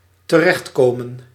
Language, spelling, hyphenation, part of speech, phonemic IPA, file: Dutch, terechtkomen, te‧recht‧ko‧men, verb, /təˈrɛxtˌkoː.mə(n)/, Nl-terechtkomen.ogg
- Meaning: 1. to land 2. to end up, wind up (in an unplanned or surprising place)